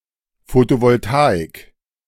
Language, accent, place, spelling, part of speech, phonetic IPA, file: German, Germany, Berlin, Photovoltaik, noun, [ˌfotovɔlˈtaːɪk], De-Photovoltaik.ogg
- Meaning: photovoltaics